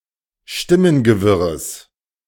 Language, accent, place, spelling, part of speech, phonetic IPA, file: German, Germany, Berlin, Stimmengewirres, noun, [ˈʃtɪmənɡəˌvɪʁəs], De-Stimmengewirres.ogg
- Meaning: genitive of Stimmengewirr